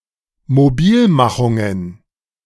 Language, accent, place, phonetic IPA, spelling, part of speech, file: German, Germany, Berlin, [moˈbiːlˌmaxʊŋən], Mobilmachungen, noun, De-Mobilmachungen.ogg
- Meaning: plural of Mobilmachung